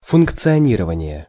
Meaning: functioning, operation, operating
- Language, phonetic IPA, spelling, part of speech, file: Russian, [fʊnkt͡sɨɐˈnʲirəvənʲɪje], функционирование, noun, Ru-функционирование.ogg